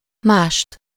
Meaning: accusative singular of más
- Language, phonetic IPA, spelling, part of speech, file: Hungarian, [ˈmaːʃt], mást, pronoun, Hu-mást.ogg